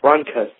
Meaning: A dry rattling sound heard during breathing, due to deposits in the bronchial tubes
- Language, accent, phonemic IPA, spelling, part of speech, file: English, US, /ˈɹɑŋ.kəs/, rhonchus, noun, En-us-rhonchus.ogg